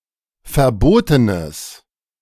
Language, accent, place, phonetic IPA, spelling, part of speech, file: German, Germany, Berlin, [fɛɐ̯ˈboːtənəs], verbotenes, adjective, De-verbotenes.ogg
- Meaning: strong/mixed nominative/accusative neuter singular of verboten